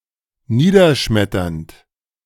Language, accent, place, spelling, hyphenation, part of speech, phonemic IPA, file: German, Germany, Berlin, niederschmetternd, nie‧der‧schmet‧ternd, verb / adjective, /ˈniːdɐˌʃmɛtɐnt/, De-niederschmetternd.ogg
- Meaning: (verb) present participle of niederschmettern; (adjective) devastating, shattering, staggering, crushing